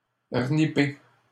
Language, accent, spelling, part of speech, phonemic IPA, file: French, Canada, renipper, verb, /ʁə.ni.pe/, LL-Q150 (fra)-renipper.wav
- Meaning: to repair, fix up